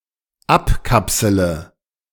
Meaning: inflection of abkapseln: 1. first-person singular dependent present 2. first/third-person singular dependent subjunctive I
- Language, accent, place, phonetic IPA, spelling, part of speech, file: German, Germany, Berlin, [ˈapˌkapsələ], abkapsele, verb, De-abkapsele.ogg